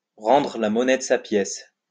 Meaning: to give someone a taste of their own medicine, to retaliate, to pay back in someone's own coin, to pay back in kind
- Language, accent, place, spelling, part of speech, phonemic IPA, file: French, France, Lyon, rendre la monnaie de sa pièce, verb, /ʁɑ̃.dʁə la mɔ.nɛ d(ə) sa pjɛs/, LL-Q150 (fra)-rendre la monnaie de sa pièce.wav